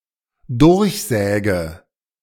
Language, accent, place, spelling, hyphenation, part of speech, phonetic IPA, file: German, Germany, Berlin, durchsäge, durch‧sä‧ge, verb, [ˈdʊʁçˌzɛːɡə], De-durchsäge.ogg
- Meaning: inflection of durchsägen: 1. first-person singular dependent present 2. first/third-person singular dependent subjunctive I